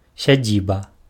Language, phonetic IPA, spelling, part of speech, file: Belarusian, [sʲaˈd͡zʲiba], сядзіба, noun, Be-сядзіба.ogg
- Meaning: estate, farmstead, homestead